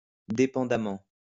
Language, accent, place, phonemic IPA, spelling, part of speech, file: French, France, Lyon, /de.pɑ̃.da.mɑ̃/, dépendamment, adverb, LL-Q150 (fra)-dépendamment.wav
- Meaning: dependently